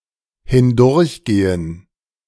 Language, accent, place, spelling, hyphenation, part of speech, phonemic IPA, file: German, Germany, Berlin, hindurchgehen, hin‧durch‧ge‧hen, verb, /hɪnˈdʊʁçˌɡeːən/, De-hindurchgehen.ogg
- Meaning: to go through